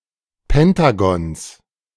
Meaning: genitive singular of Pentagon
- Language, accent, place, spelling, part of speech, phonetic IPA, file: German, Germany, Berlin, Pentagons, noun, [ˈpɛntaɡɔns], De-Pentagons.ogg